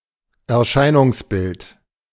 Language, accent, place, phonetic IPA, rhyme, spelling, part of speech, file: German, Germany, Berlin, [ɛɐ̯ˈʃaɪ̯nʊŋsˌbɪlt], -aɪ̯nʊŋsbɪlt, Erscheinungsbild, noun, De-Erscheinungsbild.ogg
- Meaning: appearance, semblance, aspect